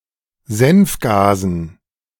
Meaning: dative plural of Senfgas
- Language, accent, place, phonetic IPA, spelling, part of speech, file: German, Germany, Berlin, [ˈzɛnfˌɡaːzn̩], Senfgasen, noun, De-Senfgasen.ogg